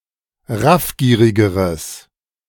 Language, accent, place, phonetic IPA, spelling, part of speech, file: German, Germany, Berlin, [ˈʁafˌɡiːʁɪɡəʁəs], raffgierigeres, adjective, De-raffgierigeres.ogg
- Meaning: strong/mixed nominative/accusative neuter singular comparative degree of raffgierig